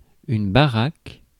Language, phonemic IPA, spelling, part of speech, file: French, /ba.ʁak/, baraque, noun, Fr-baraque.ogg
- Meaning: 1. shack, hut 2. stall, stand 3. pad, crib (house) 4. musclehead, muscleman, man built like a brick shithouse, bulky man (large and muscular man)